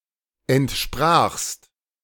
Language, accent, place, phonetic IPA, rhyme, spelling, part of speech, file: German, Germany, Berlin, [ɛntˈʃpʁaːxst], -aːxst, entsprachst, verb, De-entsprachst.ogg
- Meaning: second-person singular preterite of entsprechen